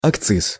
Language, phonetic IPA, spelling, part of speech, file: Russian, [ɐkˈt͡sɨs], акциз, noun, Ru-акциз.ogg
- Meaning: excise, excise tax